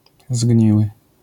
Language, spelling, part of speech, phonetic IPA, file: Polish, zgniły, adjective, [ˈzʲɟɲiwɨ], LL-Q809 (pol)-zgniły.wav